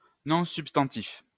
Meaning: noun, substantive
- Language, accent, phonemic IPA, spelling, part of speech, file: French, France, /nɔ̃ syp.stɑ̃.tif/, nom substantif, noun, LL-Q150 (fra)-nom substantif.wav